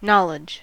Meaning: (noun) The fact of knowing about something; general understanding or familiarity with a subject, place, situation etc
- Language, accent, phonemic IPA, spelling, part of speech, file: English, US, /ˈnɑ.lɪdʒ/, knowledge, noun / verb, En-us-knowledge.ogg